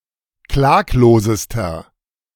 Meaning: inflection of klaglos: 1. strong/mixed nominative masculine singular superlative degree 2. strong genitive/dative feminine singular superlative degree 3. strong genitive plural superlative degree
- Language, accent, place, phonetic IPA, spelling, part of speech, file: German, Germany, Berlin, [ˈklaːkloːzəstɐ], klaglosester, adjective, De-klaglosester.ogg